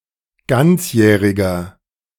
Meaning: inflection of ganzjährig: 1. strong/mixed nominative masculine singular 2. strong genitive/dative feminine singular 3. strong genitive plural
- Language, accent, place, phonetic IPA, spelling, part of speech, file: German, Germany, Berlin, [ˈɡant͡sˌjɛːʁɪɡɐ], ganzjähriger, adjective, De-ganzjähriger.ogg